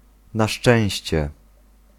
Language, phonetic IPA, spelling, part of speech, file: Polish, [na‿ˈʃt͡ʃɛ̃w̃ɕt͡ɕɛ], na szczęście, adverbial phrase, Pl-na szczęście.ogg